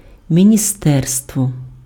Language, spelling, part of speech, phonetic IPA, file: Ukrainian, міністерство, noun, [mʲinʲiˈstɛrstwɔ], Uk-міністерство.ogg
- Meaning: ministry, department, office (government department)